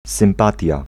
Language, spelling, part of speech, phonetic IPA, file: Polish, sympatia, noun, [sɨ̃mˈpatʲja], Pl-sympatia.ogg